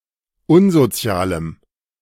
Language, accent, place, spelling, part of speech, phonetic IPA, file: German, Germany, Berlin, unsozialem, adjective, [ˈʊnzoˌt͡si̯aːləm], De-unsozialem.ogg
- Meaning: strong dative masculine/neuter singular of unsozial